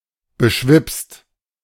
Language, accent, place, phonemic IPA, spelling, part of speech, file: German, Germany, Berlin, /bəˈʃvɪpst/, beschwipst, verb / adjective, De-beschwipst.ogg
- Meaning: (verb) past participle of beschwipsen; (adjective) tipsy